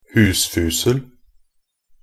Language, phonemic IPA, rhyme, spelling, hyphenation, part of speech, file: Norwegian Bokmål, /ˈhʉːsfʉːsəl/, -əl, husfusel, hus‧fus‧el, noun, Nb-husfusel.ogg
- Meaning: moonshine (high-proof alcohol that is often produced illegally at home)